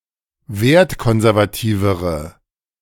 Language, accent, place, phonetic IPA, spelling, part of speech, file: German, Germany, Berlin, [ˈveːɐ̯tˌkɔnzɛʁvaˌtiːvəʁə], wertkonservativere, adjective, De-wertkonservativere.ogg
- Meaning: inflection of wertkonservativ: 1. strong/mixed nominative/accusative feminine singular comparative degree 2. strong nominative/accusative plural comparative degree